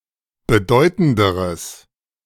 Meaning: strong/mixed nominative/accusative neuter singular comparative degree of bedeutend
- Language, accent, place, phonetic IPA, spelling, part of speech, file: German, Germany, Berlin, [bəˈdɔɪ̯tn̩dəʁəs], bedeutenderes, adjective, De-bedeutenderes.ogg